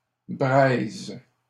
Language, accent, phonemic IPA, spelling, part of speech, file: French, Canada, /bʁɛz/, braises, noun / verb, LL-Q150 (fra)-braises.wav
- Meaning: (noun) plural of braise; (verb) second-person singular present indicative/subjunctive of braiser